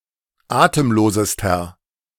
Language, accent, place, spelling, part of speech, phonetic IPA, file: German, Germany, Berlin, atemlosester, adjective, [ˈaːtəmˌloːzəstɐ], De-atemlosester.ogg
- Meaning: inflection of atemlos: 1. strong/mixed nominative masculine singular superlative degree 2. strong genitive/dative feminine singular superlative degree 3. strong genitive plural superlative degree